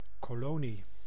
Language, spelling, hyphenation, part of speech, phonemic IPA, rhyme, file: Dutch, kolonie, ko‧lo‧nie, noun, /koːˈloː.ni/, -oːni, Nl-kolonie.ogg
- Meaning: colony, dependent human settlement, state or territory